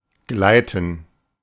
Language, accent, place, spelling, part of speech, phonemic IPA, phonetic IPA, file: German, Germany, Berlin, gleiten, verb, /ˈɡlaɪ̯tən/, [ˈɡlaɪ̯tn̩], De-gleiten.ogg
- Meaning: 1. to glide; to float; to move effortlessly 2. to slide; to slip; to transition smoothly